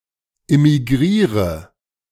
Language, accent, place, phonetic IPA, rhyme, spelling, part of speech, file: German, Germany, Berlin, [ɪmiˈɡʁiːʁə], -iːʁə, immigriere, verb, De-immigriere.ogg
- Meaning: inflection of immigrieren: 1. first-person singular present 2. singular imperative 3. first/third-person singular subjunctive I